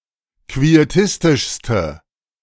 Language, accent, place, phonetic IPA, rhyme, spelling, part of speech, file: German, Germany, Berlin, [kvieˈtɪstɪʃstə], -ɪstɪʃstə, quietistischste, adjective, De-quietistischste.ogg
- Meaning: inflection of quietistisch: 1. strong/mixed nominative/accusative feminine singular superlative degree 2. strong nominative/accusative plural superlative degree